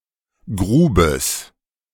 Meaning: genitive singular of Grube
- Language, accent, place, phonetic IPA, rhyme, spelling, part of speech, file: German, Germany, Berlin, [ˈɡʁuːbəs], -uːbəs, Grubes, noun, De-Grubes.ogg